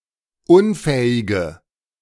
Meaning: inflection of unfähig: 1. strong/mixed nominative/accusative feminine singular 2. strong nominative/accusative plural 3. weak nominative all-gender singular 4. weak accusative feminine/neuter singular
- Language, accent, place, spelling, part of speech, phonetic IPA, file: German, Germany, Berlin, unfähige, adjective, [ˈʊnˌfɛːɪɡə], De-unfähige.ogg